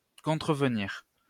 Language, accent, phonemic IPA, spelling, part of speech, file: French, France, /kɔ̃.tʁə.v(ə).niʁ/, contrevenir, verb, LL-Q150 (fra)-contrevenir.wav
- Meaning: to contravene